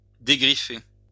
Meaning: to scratch off (a mark)
- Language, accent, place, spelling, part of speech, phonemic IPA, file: French, France, Lyon, dégriffer, verb, /de.ɡʁi.fe/, LL-Q150 (fra)-dégriffer.wav